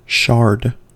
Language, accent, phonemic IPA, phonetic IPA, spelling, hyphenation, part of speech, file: English, US, /ˈʃɑɹd/, [ˈʃɑɹd], shard, shard, noun / verb, En-us-shard.ogg
- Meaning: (noun) A piece of broken glass or pottery, especially one found in an archaeological dig